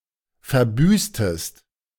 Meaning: inflection of verbüßen: 1. second-person singular preterite 2. second-person singular subjunctive II
- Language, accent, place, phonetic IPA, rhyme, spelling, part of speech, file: German, Germany, Berlin, [fɛɐ̯ˈbyːstəst], -yːstəst, verbüßtest, verb, De-verbüßtest.ogg